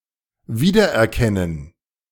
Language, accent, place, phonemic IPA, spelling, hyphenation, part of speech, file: German, Germany, Berlin, /ˈviːdɐʔɛɐ̯ˌkɛnən/, wiedererkennen, wie‧der‧er‧ken‧nen, verb, De-wiedererkennen.ogg
- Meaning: to recognize